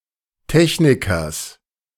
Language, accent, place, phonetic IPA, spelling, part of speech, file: German, Germany, Berlin, [ˈtɛçnɪkɐs], Technikers, noun, De-Technikers.ogg
- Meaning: genitive singular of Techniker